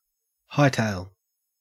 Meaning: To move at full speed, especially in retreat
- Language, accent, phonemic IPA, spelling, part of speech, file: English, Australia, /ˈhaɪ.teɪl/, hightail, verb, En-au-hightail.ogg